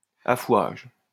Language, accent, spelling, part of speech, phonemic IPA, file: French, France, affouage, noun, /a.fwaʒ/, LL-Q150 (fra)-affouage.wav
- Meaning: a right to gather wood from common land